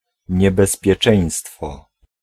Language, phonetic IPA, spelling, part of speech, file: Polish, [ˌɲɛbɛspʲjɛˈt͡ʃɛ̃j̃stfɔ], niebezpieczeństwo, noun, Pl-niebezpieczeństwo.ogg